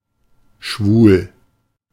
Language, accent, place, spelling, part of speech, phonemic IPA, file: German, Germany, Berlin, schwul, adjective, /ʃvuːl/, De-schwul.ogg
- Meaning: 1. gay 2. having effeminate or flamboyant qualities; fruity, queer, swishy